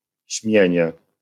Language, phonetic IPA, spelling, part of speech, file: Polish, [ˈɕmʲjɛ̇̃ɲɛ], śmienie, noun, LL-Q809 (pol)-śmienie.wav